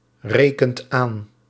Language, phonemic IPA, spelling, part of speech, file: Dutch, /ˈrekənt ˈan/, rekent aan, verb, Nl-rekent aan.ogg
- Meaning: inflection of aanrekenen: 1. second/third-person singular present indicative 2. plural imperative